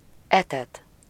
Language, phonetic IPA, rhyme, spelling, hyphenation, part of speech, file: Hungarian, [ˈɛtɛt], -ɛt, etet, etet, verb, Hu-etet.ogg
- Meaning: causative of eszik: to feed (to give food to eat)